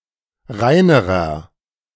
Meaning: inflection of rein: 1. strong/mixed nominative masculine singular comparative degree 2. strong genitive/dative feminine singular comparative degree 3. strong genitive plural comparative degree
- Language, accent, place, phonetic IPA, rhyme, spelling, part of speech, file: German, Germany, Berlin, [ˈʁaɪ̯nəʁɐ], -aɪ̯nəʁɐ, reinerer, adjective, De-reinerer.ogg